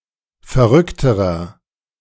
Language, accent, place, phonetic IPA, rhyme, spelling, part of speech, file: German, Germany, Berlin, [fɛɐ̯ˈʁʏktəʁɐ], -ʏktəʁɐ, verrückterer, adjective, De-verrückterer.ogg
- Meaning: inflection of verrückt: 1. strong/mixed nominative masculine singular comparative degree 2. strong genitive/dative feminine singular comparative degree 3. strong genitive plural comparative degree